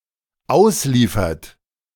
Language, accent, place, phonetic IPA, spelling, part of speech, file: German, Germany, Berlin, [ˈaʊ̯sˌliːfɐt], ausliefert, verb, De-ausliefert.ogg
- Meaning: inflection of ausliefern: 1. third-person singular dependent present 2. second-person plural dependent present